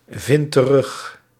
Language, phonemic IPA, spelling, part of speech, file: Dutch, /ˈvɪnt t(ə)ˈrʏx/, vindt terug, verb, Nl-vindt terug.ogg
- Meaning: inflection of terugvinden: 1. second/third-person singular present indicative 2. plural imperative